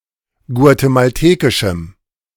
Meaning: strong dative masculine/neuter singular of guatemaltekisch
- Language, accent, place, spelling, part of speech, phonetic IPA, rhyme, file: German, Germany, Berlin, guatemaltekischem, adjective, [ɡu̯atemalˈteːkɪʃm̩], -eːkɪʃm̩, De-guatemaltekischem.ogg